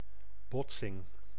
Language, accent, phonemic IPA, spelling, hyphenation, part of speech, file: Dutch, Netherlands, /ˈbɔt.sɪŋ/, botsing, bot‧sing, noun, Nl-botsing.ogg
- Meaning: 1. collision 2. wreck 3. argument